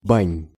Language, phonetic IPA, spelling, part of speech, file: Russian, [banʲ], бань, noun, Ru-бань.ogg
- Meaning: genitive plural of ба́ня (bánja)